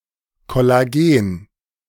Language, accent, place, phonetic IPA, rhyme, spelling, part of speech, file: German, Germany, Berlin, [kɔlaˈɡeːn], -eːn, Kollagen, noun, De-Kollagen.ogg
- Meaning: collagen